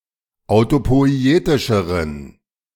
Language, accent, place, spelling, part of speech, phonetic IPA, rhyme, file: German, Germany, Berlin, autopoietischeren, adjective, [aʊ̯topɔɪ̯ˈeːtɪʃəʁən], -eːtɪʃəʁən, De-autopoietischeren.ogg
- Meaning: inflection of autopoietisch: 1. strong genitive masculine/neuter singular comparative degree 2. weak/mixed genitive/dative all-gender singular comparative degree